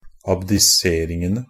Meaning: definite plural of abdisering
- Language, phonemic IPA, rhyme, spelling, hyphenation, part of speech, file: Norwegian Bokmål, /abdɪˈseːrɪŋənə/, -ənə, abdiseringene, ab‧di‧ser‧ing‧en‧e, noun, NB - Pronunciation of Norwegian Bokmål «abdiseringene».ogg